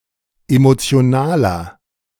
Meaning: 1. comparative degree of emotional 2. inflection of emotional: strong/mixed nominative masculine singular 3. inflection of emotional: strong genitive/dative feminine singular
- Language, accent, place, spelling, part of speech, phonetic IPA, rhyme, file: German, Germany, Berlin, emotionaler, adjective, [ˌemot͡si̯oˈnaːlɐ], -aːlɐ, De-emotionaler.ogg